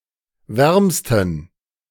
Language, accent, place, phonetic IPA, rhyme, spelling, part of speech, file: German, Germany, Berlin, [ˈvɛʁmstn̩], -ɛʁmstn̩, wärmsten, adjective, De-wärmsten.ogg
- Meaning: superlative degree of warm